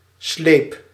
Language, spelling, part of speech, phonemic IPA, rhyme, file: Dutch, sleep, noun / verb, /sleːp/, -eːp, Nl-sleep.ogg
- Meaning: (noun) 1. dragging, towing 2. train, the part of wedding gown that drags behind the bride; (verb) singular past indicative of slijpen